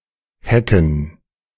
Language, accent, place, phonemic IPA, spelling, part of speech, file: German, Germany, Berlin, /ˈhɛkən/, hecken, verb, De-hecken.ogg
- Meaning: 1. to breed, give birth, multiply, especially in large numbers 2. to increase, multiply 3. dated form of aushecken (“to hatch, devise, think up”)